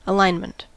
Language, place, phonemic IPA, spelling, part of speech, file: English, California, /əˈlaɪn.mənt/, alignment, noun, En-us-alignment.ogg
- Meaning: 1. An arrangement of items in a line 2. The process of adjusting a mechanism such that its parts are aligned; the condition of having its parts so adjusted 3. An alliance of factions